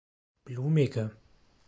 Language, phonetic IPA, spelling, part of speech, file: German, [ˈbluːmɪɡə], blumige, adjective, De-blumige.ogg
- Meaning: inflection of blumig: 1. strong/mixed nominative/accusative feminine singular 2. strong nominative/accusative plural 3. weak nominative all-gender singular 4. weak accusative feminine/neuter singular